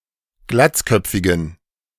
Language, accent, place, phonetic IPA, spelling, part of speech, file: German, Germany, Berlin, [ˈɡlat͡sˌkœp͡fɪɡn̩], glatzköpfigen, adjective, De-glatzköpfigen.ogg
- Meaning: inflection of glatzköpfig: 1. strong genitive masculine/neuter singular 2. weak/mixed genitive/dative all-gender singular 3. strong/weak/mixed accusative masculine singular 4. strong dative plural